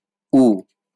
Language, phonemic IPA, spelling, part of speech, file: Bengali, /u/, উ, character, LL-Q9610 (ben)-উ.wav
- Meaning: The fifth character in the Bengali abugida